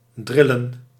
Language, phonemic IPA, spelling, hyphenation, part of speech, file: Dutch, /ˈdrɪlə(n)/, drillen, dril‧len, verb / noun, Nl-drillen.ogg
- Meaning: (verb) 1. to make vibrate, as with a pneumatic drill 2. to operate a pneumatic drill 3. to drill, instruct by arduous exercise, notably in military context or style 4. to domineer